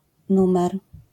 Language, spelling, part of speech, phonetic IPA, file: Polish, nr, abbreviation, [ˈnũmɛr], LL-Q809 (pol)-nr.wav